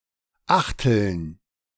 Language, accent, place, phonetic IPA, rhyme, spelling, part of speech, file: German, Germany, Berlin, [ˈaxtl̩n], -axtl̩n, Achteln, noun, De-Achteln.ogg
- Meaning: dative plural of Achtel